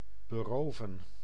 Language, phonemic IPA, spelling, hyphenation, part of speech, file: Dutch, /bəˈroːvə(n)/, beroven, be‧ro‧ven, verb, Nl-beroven.ogg
- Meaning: 1. to rob [with van ‘of’], to steal from 2. to deprive